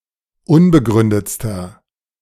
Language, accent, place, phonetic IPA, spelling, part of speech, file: German, Germany, Berlin, [ˈʊnbəˌɡʁʏndət͡stɐ], unbegründetster, adjective, De-unbegründetster.ogg
- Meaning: inflection of unbegründet: 1. strong/mixed nominative masculine singular superlative degree 2. strong genitive/dative feminine singular superlative degree 3. strong genitive plural superlative degree